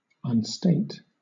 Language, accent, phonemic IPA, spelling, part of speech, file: English, Southern England, /ʌnˈsteɪt/, unstate, verb, LL-Q1860 (eng)-unstate.wav
- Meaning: 1. To deprive of state or dignity 2. To withdraw (something previously stated); to unsay or retract